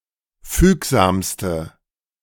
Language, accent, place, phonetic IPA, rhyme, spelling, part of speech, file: German, Germany, Berlin, [ˈfyːkzaːmstə], -yːkzaːmstə, fügsamste, adjective, De-fügsamste.ogg
- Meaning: inflection of fügsam: 1. strong/mixed nominative/accusative feminine singular superlative degree 2. strong nominative/accusative plural superlative degree